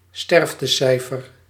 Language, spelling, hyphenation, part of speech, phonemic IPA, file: Dutch, sterftecijfer, sterf‧te‧cij‧fer, noun, /ˈstɛrf.təˌsɛi̯.fər/, Nl-sterftecijfer.ogg
- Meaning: mortality rate